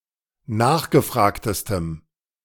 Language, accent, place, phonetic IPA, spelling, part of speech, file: German, Germany, Berlin, [ˈnaːxɡəˌfʁaːktəstəm], nachgefragtestem, adjective, De-nachgefragtestem.ogg
- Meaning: strong dative masculine/neuter singular superlative degree of nachgefragt